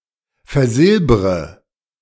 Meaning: inflection of versilbern: 1. first-person singular present 2. first/third-person singular subjunctive I 3. singular imperative
- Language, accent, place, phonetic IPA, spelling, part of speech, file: German, Germany, Berlin, [fɛɐ̯ˈzɪlbʁə], versilbre, verb, De-versilbre.ogg